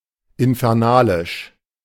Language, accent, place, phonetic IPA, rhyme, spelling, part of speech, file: German, Germany, Berlin, [ɪnfɛʁˈnaːlɪʃ], -aːlɪʃ, infernalisch, adjective, De-infernalisch.ogg
- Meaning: infernal